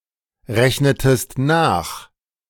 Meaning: inflection of nachrechnen: 1. second-person singular preterite 2. second-person singular subjunctive II
- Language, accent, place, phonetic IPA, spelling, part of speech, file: German, Germany, Berlin, [ˌʁɛçnətəst ˈnaːx], rechnetest nach, verb, De-rechnetest nach.ogg